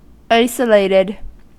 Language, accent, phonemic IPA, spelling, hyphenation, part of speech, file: English, US, /ˈaɪsəleɪtɪd/, isolated, iso‧lat‧ed, adjective / verb, En-us-isolated.ogg
- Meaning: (adjective) 1. Placed or standing apart or alone; in isolation 2. Happening or occurring only once 3. Such that no pawn of the same color is in an adjacent file